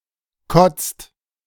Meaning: inflection of kotzen: 1. second/third-person singular present 2. second-person plural present 3. plural imperative
- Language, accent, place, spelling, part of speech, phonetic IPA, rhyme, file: German, Germany, Berlin, kotzt, verb, [kɔt͡st], -ɔt͡st, De-kotzt.ogg